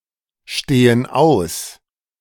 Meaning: inflection of ausstehen: 1. first/third-person plural present 2. first/third-person plural subjunctive I
- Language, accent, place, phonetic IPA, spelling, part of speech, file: German, Germany, Berlin, [ˌʃteːən ˈaʊ̯s], stehen aus, verb, De-stehen aus.ogg